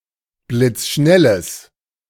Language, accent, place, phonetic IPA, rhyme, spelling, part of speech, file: German, Germany, Berlin, [blɪt͡sˈʃnɛləs], -ɛləs, blitzschnelles, adjective, De-blitzschnelles.ogg
- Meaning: strong/mixed nominative/accusative neuter singular of blitzschnell